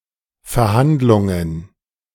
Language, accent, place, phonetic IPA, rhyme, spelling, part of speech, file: German, Germany, Berlin, [fɛɐ̯ˈhandlʊŋən], -andlʊŋən, Verhandlungen, noun, De-Verhandlungen.ogg
- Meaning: plural of Verhandlung